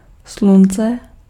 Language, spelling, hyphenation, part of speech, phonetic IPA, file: Czech, slunce, slun‧ce, noun, [ˈslunt͡sɛ], Cs-slunce.ogg
- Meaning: sun